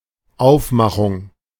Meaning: 1. getup, costume, make-up 2. packaging, layout, presentation, design, style
- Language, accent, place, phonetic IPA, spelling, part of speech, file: German, Germany, Berlin, [ˈaʊ̯fˌmaxʊŋ], Aufmachung, noun, De-Aufmachung.ogg